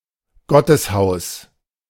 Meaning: place of worship, house of God
- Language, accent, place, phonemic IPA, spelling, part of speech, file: German, Germany, Berlin, /ˈɡɔ.təsˌhaʊ̯s/, Gotteshaus, noun, De-Gotteshaus.ogg